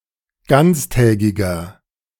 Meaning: inflection of ganztägig: 1. strong/mixed nominative masculine singular 2. strong genitive/dative feminine singular 3. strong genitive plural
- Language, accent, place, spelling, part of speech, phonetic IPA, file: German, Germany, Berlin, ganztägiger, adjective, [ˈɡant͡sˌtɛːɡɪɡɐ], De-ganztägiger.ogg